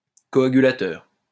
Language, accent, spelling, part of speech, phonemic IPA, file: French, France, coagulateur, noun, /kɔ.a.ɡy.la.tœʁ/, LL-Q150 (fra)-coagulateur.wav
- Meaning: coagulator